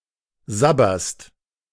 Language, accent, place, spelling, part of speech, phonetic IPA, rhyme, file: German, Germany, Berlin, sabberst, verb, [ˈzabɐst], -abɐst, De-sabberst.ogg
- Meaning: second-person singular present of sabbern